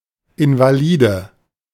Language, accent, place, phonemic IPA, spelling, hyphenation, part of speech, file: German, Germany, Berlin, /ɪnvaˈliːdə/, Invalide, In‧va‧li‧de, noun, De-Invalide.ogg
- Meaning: invalid